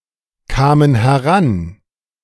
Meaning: first/third-person plural preterite of herankommen
- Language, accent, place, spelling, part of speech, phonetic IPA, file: German, Germany, Berlin, kamen heran, verb, [ˌkaːmən hɛˈʁan], De-kamen heran.ogg